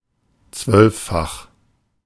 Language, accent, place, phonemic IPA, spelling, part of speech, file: German, Germany, Berlin, /ˈt͡svœlfˌfax/, zwölffach, adjective, De-zwölffach.ogg
- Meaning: twelvefold